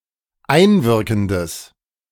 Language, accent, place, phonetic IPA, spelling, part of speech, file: German, Germany, Berlin, [ˈaɪ̯nˌvɪʁkn̩dəs], einwirkendes, adjective, De-einwirkendes.ogg
- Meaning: strong/mixed nominative/accusative neuter singular of einwirkend